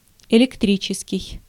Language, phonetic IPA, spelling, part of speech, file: Russian, [ɪlʲɪkˈtrʲit͡ɕɪskʲɪj], электрический, adjective, Ru-электрический.ogg
- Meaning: electric